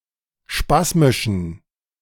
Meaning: inflection of spasmisch: 1. strong genitive masculine/neuter singular 2. weak/mixed genitive/dative all-gender singular 3. strong/weak/mixed accusative masculine singular 4. strong dative plural
- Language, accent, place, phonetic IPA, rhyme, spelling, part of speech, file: German, Germany, Berlin, [ˈʃpasmɪʃn̩], -asmɪʃn̩, spasmischen, adjective, De-spasmischen.ogg